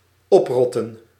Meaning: to fuck off, get lost, go to hell
- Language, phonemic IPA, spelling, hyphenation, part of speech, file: Dutch, /ˈɔpˌrɔt.ə(n)/, oprotten, op‧rot‧ten, verb, Nl-oprotten.ogg